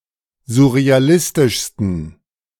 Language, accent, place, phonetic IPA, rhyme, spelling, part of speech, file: German, Germany, Berlin, [zʊʁeaˈlɪstɪʃstn̩], -ɪstɪʃstn̩, surrealistischsten, adjective, De-surrealistischsten.ogg
- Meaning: 1. superlative degree of surrealistisch 2. inflection of surrealistisch: strong genitive masculine/neuter singular superlative degree